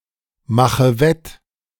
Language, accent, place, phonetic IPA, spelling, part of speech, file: German, Germany, Berlin, [ˌmaxə ˈvɛt], mache wett, verb, De-mache wett.ogg
- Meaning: inflection of wettmachen: 1. first-person singular present 2. first/third-person singular subjunctive I 3. singular imperative